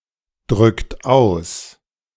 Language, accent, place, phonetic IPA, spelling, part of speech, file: German, Germany, Berlin, [ˌdʁʏkt ˈaʊ̯s], drückt aus, verb, De-drückt aus.ogg
- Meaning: inflection of ausdrücken: 1. second-person plural present 2. third-person singular present 3. plural imperative